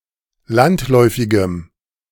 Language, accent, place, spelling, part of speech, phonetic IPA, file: German, Germany, Berlin, landläufigem, adjective, [ˈlantˌlɔɪ̯fɪɡəm], De-landläufigem.ogg
- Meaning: strong dative masculine/neuter singular of landläufig